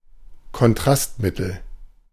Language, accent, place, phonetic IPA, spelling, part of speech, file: German, Germany, Berlin, [kɔnˈtʁastˌmɪtl̩], Kontrastmittel, noun, De-Kontrastmittel.ogg
- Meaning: contrast medium, contrast agent (radiopaque material)